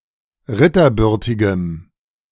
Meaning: strong dative masculine/neuter singular of ritterbürtig
- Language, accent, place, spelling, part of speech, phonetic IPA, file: German, Germany, Berlin, ritterbürtigem, adjective, [ˈʁɪtɐˌbʏʁtɪɡəm], De-ritterbürtigem.ogg